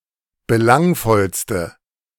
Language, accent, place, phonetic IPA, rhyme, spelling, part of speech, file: German, Germany, Berlin, [bəˈlaŋfɔlstə], -aŋfɔlstə, belangvollste, adjective, De-belangvollste.ogg
- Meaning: inflection of belangvoll: 1. strong/mixed nominative/accusative feminine singular superlative degree 2. strong nominative/accusative plural superlative degree